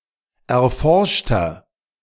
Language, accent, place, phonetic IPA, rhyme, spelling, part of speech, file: German, Germany, Berlin, [ɛɐ̯ˈfɔʁʃtɐ], -ɔʁʃtɐ, erforschter, adjective, De-erforschter.ogg
- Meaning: inflection of erforscht: 1. strong/mixed nominative masculine singular 2. strong genitive/dative feminine singular 3. strong genitive plural